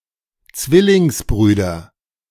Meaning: nominative/accusative/genitive plural of Zwillingsbruder
- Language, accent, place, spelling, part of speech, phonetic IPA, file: German, Germany, Berlin, Zwillingsbrüder, noun, [ˈt͡svɪlɪŋsˌbʁyːdɐ], De-Zwillingsbrüder.ogg